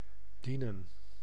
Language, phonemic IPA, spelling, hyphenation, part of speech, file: Dutch, /bəˈdinə(n)/, bedienen, be‧die‧nen, verb, Nl-bedienen.ogg
- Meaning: 1. to be of assistance to, to serve 2. to serve (at a restaurant) 3. to operate (a device) 4. to administer the last sacraments to 5. to utilise, to make use